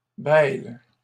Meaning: inflection of bêler: 1. first/third-person singular present indicative/subjunctive 2. second-person singular imperative
- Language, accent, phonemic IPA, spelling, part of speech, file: French, Canada, /bɛl/, bêle, verb, LL-Q150 (fra)-bêle.wav